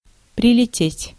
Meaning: to fly (here), to arrive (by flying)
- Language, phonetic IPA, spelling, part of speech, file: Russian, [prʲɪlʲɪˈtʲetʲ], прилететь, verb, Ru-прилететь.ogg